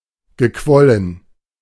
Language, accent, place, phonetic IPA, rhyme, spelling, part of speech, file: German, Germany, Berlin, [ɡəˈkvɔlən], -ɔlən, gequollen, verb, De-gequollen.ogg
- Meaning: past participle of quellen